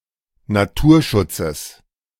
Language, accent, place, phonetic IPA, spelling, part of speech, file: German, Germany, Berlin, [naˈtuːɐ̯ˌʃʊt͡səs], Naturschutzes, noun, De-Naturschutzes.ogg
- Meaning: genitive singular of Naturschutz